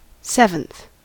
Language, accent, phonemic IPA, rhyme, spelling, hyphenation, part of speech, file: English, General American, /ˈsɛvənθ/, -ɛvənθ, seventh, sev‧enth, adjective / noun, En-us-seventh.ogg
- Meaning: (adjective) The ordinal form of the number seven; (noun) 1. The person or thing in the seventh position 2. One of seven equal parts of a whole